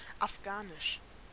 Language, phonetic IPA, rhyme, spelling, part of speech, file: German, [afˈɡaːnɪʃ], -aːnɪʃ, afghanisch, adjective, De-afghanisch.ogg
- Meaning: of Afghanistan; Afghan